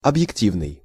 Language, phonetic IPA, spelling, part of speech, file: Russian, [ɐbjɪkˈtʲivnɨj], объективный, adjective, Ru-объективный.ogg
- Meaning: 1. objective 2. unbiased, impartial